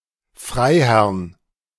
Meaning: genitive of Freiherr
- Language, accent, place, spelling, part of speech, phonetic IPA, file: German, Germany, Berlin, Freiherrn, noun, [ˈfʁaɪ̯ˌhɛʁn], De-Freiherrn.ogg